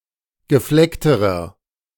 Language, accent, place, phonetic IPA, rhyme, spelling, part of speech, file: German, Germany, Berlin, [ɡəˈflɛktəʁɐ], -ɛktəʁɐ, gefleckterer, adjective, De-gefleckterer.ogg
- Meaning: inflection of gefleckt: 1. strong/mixed nominative masculine singular comparative degree 2. strong genitive/dative feminine singular comparative degree 3. strong genitive plural comparative degree